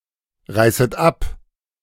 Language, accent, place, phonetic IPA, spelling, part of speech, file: German, Germany, Berlin, [ˌʁaɪ̯sət ˈap], reißet ab, verb, De-reißet ab.ogg
- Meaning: second-person plural subjunctive I of abreißen